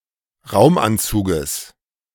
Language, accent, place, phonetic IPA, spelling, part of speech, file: German, Germany, Berlin, [ˈʁaʊ̯mʔanˌt͡suːɡəs], Raumanzuges, noun, De-Raumanzuges.ogg
- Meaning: genitive singular of Raumanzug